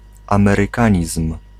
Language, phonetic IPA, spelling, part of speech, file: Polish, [ˌãmɛrɨˈkãɲism̥], amerykanizm, noun, Pl-amerykanizm.ogg